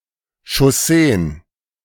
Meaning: plural of Chaussee
- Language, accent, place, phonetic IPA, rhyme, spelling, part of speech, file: German, Germany, Berlin, [ʃɔˈseːən], -eːən, Chausseen, noun, De-Chausseen.ogg